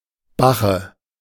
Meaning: 1. A wild sow, female wild boar 2. alternative form of Bachen (chiefly dialectal term for “bacon”) 3. dative singular of Bach
- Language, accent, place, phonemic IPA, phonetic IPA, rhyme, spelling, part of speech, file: German, Germany, Berlin, /ˈbaxə/, [ˈba.χə], -aχə, Bache, noun, De-Bache.ogg